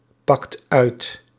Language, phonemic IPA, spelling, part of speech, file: Dutch, /ˈpɑkt ˈœyt/, pakt uit, verb, Nl-pakt uit.ogg
- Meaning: inflection of uitpakken: 1. second/third-person singular present indicative 2. plural imperative